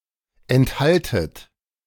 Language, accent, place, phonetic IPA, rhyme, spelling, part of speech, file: German, Germany, Berlin, [ɛntˈhaltət], -altət, enthaltet, verb, De-enthaltet.ogg
- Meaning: second-person plural subjunctive I of enthalten